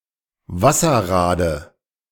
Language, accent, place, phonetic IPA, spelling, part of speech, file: German, Germany, Berlin, [ˈvasɐˌʁaːdə], Wasserrade, noun, De-Wasserrade.ogg
- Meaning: dative of Wasserrad